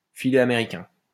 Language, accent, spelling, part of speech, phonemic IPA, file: French, France, filet américain, noun, /fi.lɛ a.me.ʁi.kɛ̃/, LL-Q150 (fra)-filet américain.wav
- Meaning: Belgian steak tartare, often made with mayonnaise and seasoned with capers and fresh herbs